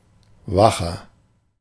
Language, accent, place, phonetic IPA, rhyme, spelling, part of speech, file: German, Germany, Berlin, [ˈvaxɐ], -axɐ, wacher, adjective, De-wacher.ogg
- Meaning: 1. comparative degree of wach 2. inflection of wach: strong/mixed nominative masculine singular 3. inflection of wach: strong genitive/dative feminine singular